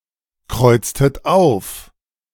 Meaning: inflection of aufkreuzen: 1. second-person plural preterite 2. second-person plural subjunctive II
- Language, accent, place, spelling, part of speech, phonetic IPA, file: German, Germany, Berlin, kreuztet auf, verb, [ˌkʁɔɪ̯t͡stət ˈaʊ̯f], De-kreuztet auf.ogg